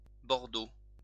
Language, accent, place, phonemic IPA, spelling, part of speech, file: French, France, Lyon, /bɔʁ.do/, bordeaux, adjective / noun, LL-Q150 (fra)-bordeaux.wav
- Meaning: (adjective) claret (color/colour); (noun) 1. Bordeaux (wine) 2. plural of bordeau